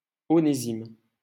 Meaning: Onesimus
- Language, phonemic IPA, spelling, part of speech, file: French, /ɔ.ne.zim/, Onésime, proper noun, LL-Q150 (fra)-Onésime.wav